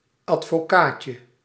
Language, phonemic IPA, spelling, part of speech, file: Dutch, /ɑtfoˈkacə/, advocaatje, noun, Nl-advocaatje.ogg
- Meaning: diminutive of advocaat